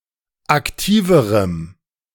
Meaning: strong dative masculine/neuter singular comparative degree of aktiv
- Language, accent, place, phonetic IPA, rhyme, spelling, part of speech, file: German, Germany, Berlin, [akˈtiːvəʁəm], -iːvəʁəm, aktiverem, adjective, De-aktiverem.ogg